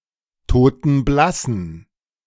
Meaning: inflection of totenblass: 1. strong genitive masculine/neuter singular 2. weak/mixed genitive/dative all-gender singular 3. strong/weak/mixed accusative masculine singular 4. strong dative plural
- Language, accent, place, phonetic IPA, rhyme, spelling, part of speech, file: German, Germany, Berlin, [toːtn̩ˈblasn̩], -asn̩, totenblassen, adjective, De-totenblassen.ogg